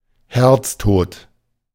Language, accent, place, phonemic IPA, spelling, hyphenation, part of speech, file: German, Germany, Berlin, /ˈhɛʁt͡sˌtoːt/, Herztod, Herz‧tod, noun, De-Herztod.ogg
- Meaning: cardiac death